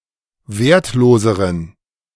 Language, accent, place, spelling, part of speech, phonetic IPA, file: German, Germany, Berlin, wertloseren, adjective, [ˈveːɐ̯tˌloːzəʁən], De-wertloseren.ogg
- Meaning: inflection of wertlos: 1. strong genitive masculine/neuter singular comparative degree 2. weak/mixed genitive/dative all-gender singular comparative degree